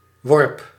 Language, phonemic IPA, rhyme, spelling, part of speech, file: Dutch, /ʋɔrp/, -ɔrp, worp, noun, Nl-worp.ogg
- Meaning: 1. the act of giving birth in mammals 2. the group of young animals born at the same time (from the same mother mammal) 3. throw (flight of a thrown object)